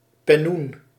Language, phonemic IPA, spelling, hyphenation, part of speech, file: Dutch, /pɛˈnun/, pennoen, pen‧noen, noun, Nl-pennoen.ogg
- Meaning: pennon (knight's vane or streamer affixed to a lance)